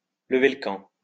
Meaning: 1. to break camp (to pack up a campsite and move on) 2. to move out, to leave
- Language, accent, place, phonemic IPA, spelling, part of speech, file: French, France, Lyon, /lə.ve l(ə) kɑ̃/, lever le camp, verb, LL-Q150 (fra)-lever le camp.wav